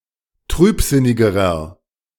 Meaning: inflection of trübsinnig: 1. strong/mixed nominative masculine singular comparative degree 2. strong genitive/dative feminine singular comparative degree 3. strong genitive plural comparative degree
- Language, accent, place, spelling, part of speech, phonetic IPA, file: German, Germany, Berlin, trübsinnigerer, adjective, [ˈtʁyːpˌzɪnɪɡəʁɐ], De-trübsinnigerer.ogg